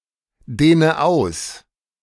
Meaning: inflection of ausdehnen: 1. first-person singular present 2. first/third-person singular subjunctive I 3. singular imperative
- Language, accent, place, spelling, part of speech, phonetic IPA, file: German, Germany, Berlin, dehne aus, verb, [ˌdeːnə ˈaʊ̯s], De-dehne aus.ogg